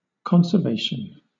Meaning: 1. The act of preserving, guarding, or protecting; the keeping (of a thing) in a safe or entire state; preservation 2. Wise use of natural resources
- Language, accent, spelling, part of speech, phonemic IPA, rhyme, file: English, Southern England, conservation, noun, /ˌkɑnsə(ɹ)ˈveɪʃən/, -eɪʃən, LL-Q1860 (eng)-conservation.wav